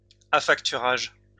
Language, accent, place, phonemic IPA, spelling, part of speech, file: French, France, Lyon, /a.fak.ty.ʁaʒ/, affacturage, noun, LL-Q150 (fra)-affacturage.wav
- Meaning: factoring